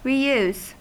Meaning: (noun) 1. The act of salvaging or in some manner restoring a discarded item to yield something usable 2. The act of using again, or in another place
- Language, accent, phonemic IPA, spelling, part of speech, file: English, US, /ɹiːˈjuːs/, reuse, noun / verb, En-us-re-use.ogg